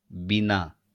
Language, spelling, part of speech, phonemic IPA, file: Bengali, বিনা, postposition, /bina/, LL-Q9610 (ben)-বিনা.wav
- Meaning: 1. without 2. except, excluding